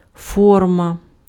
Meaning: form, shape
- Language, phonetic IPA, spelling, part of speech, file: Ukrainian, [ˈfɔrmɐ], форма, noun, Uk-форма.ogg